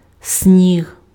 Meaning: snow
- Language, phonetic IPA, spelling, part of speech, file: Ukrainian, [sʲnʲiɦ], сніг, noun, Uk-сніг.ogg